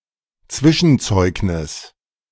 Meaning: mid-term report card
- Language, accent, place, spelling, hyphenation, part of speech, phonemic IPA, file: German, Germany, Berlin, Zwischenzeugnis, Zwi‧schen‧zeug‧nis, noun, /ˈt͡svɪʃn̩ˌt͡sɔɪ̯knɪs/, De-Zwischenzeugnis.ogg